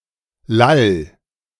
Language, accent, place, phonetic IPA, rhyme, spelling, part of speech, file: German, Germany, Berlin, [lal], -al, lall, verb, De-lall.ogg
- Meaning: 1. singular imperative of lallen 2. first-person singular present of lallen